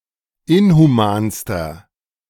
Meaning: inflection of inhuman: 1. strong/mixed nominative masculine singular superlative degree 2. strong genitive/dative feminine singular superlative degree 3. strong genitive plural superlative degree
- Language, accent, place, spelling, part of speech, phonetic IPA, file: German, Germany, Berlin, inhumanster, adjective, [ˈɪnhuˌmaːnstɐ], De-inhumanster.ogg